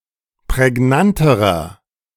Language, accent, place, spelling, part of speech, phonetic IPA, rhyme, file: German, Germany, Berlin, prägnanterer, adjective, [pʁɛˈɡnantəʁɐ], -antəʁɐ, De-prägnanterer.ogg
- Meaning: inflection of prägnant: 1. strong/mixed nominative masculine singular comparative degree 2. strong genitive/dative feminine singular comparative degree 3. strong genitive plural comparative degree